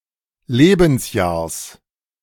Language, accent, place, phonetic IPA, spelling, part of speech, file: German, Germany, Berlin, [ˈleːbn̩sˌjaːɐ̯s], Lebensjahrs, noun, De-Lebensjahrs.ogg
- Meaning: genitive singular of Lebensjahr